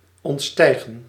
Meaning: 1. to rise above, to transcend 2. to exceed
- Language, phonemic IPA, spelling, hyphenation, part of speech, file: Dutch, /ˌɔntˈstɛi̯ɣə(n)/, ontstijgen, ont‧stij‧gen, verb, Nl-ontstijgen.ogg